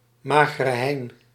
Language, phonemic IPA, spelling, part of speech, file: Dutch, /maːɣərə ɦɛi̯n/, Magere Hein, proper noun, Nl-Magere Hein.ogg
- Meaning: Grim Reaper